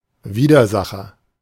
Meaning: adversary
- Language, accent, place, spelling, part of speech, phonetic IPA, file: German, Germany, Berlin, Widersacher, noun, [ˈviːdɐˌzaxɐ], De-Widersacher.ogg